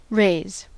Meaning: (verb) 1. To cause to rise; to lift or elevate 2. To cause to rise; to lift or elevate.: To form by the accumulation of materials or constituent parts; to build up; to erect
- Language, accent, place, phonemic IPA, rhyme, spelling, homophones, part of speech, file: English, US, California, /ɹeɪz/, -eɪz, raise, rase / rays / raze / rehs / réis / res, verb / noun, En-us-raise.ogg